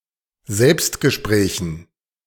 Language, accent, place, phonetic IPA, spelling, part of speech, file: German, Germany, Berlin, [ˈzɛlpstɡəˌʃpʁɛːçn̩], Selbstgesprächen, noun, De-Selbstgesprächen.ogg
- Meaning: dative plural of Selbstgespräch